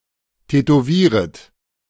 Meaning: second-person plural subjunctive I of tätowieren
- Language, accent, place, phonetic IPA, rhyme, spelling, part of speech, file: German, Germany, Berlin, [tɛtoˈviːʁət], -iːʁət, tätowieret, verb, De-tätowieret.ogg